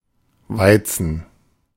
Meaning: 1. wheat 2. ellipsis of Weizenbier (“wheat beer”)
- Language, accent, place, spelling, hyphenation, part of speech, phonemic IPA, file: German, Germany, Berlin, Weizen, Wei‧zen, noun, /ˈvaɪ̯tsən/, De-Weizen.ogg